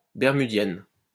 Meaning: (adjective) feminine singular of bermudien; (noun) blue-eyed grass
- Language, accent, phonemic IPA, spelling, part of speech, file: French, France, /bɛʁ.my.djɛn/, bermudienne, adjective / noun, LL-Q150 (fra)-bermudienne.wav